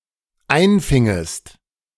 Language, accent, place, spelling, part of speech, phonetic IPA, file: German, Germany, Berlin, einfingest, verb, [ˈaɪ̯nˌfɪŋəst], De-einfingest.ogg
- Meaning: second-person singular dependent subjunctive II of einfangen